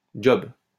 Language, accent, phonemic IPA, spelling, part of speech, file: French, France, /dʒɔb/, job, noun, LL-Q150 (fra)-job.wav
- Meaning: 1. job (employment role) 2. work